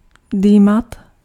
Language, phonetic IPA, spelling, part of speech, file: Czech, [ˈdiːmat], dýmat, verb, Cs-dýmat.ogg
- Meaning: to smoke (to give off smoke)